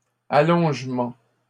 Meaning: lengthening, extension
- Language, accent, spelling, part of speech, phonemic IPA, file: French, Canada, allongement, noun, /a.lɔ̃ʒ.mɑ̃/, LL-Q150 (fra)-allongement.wav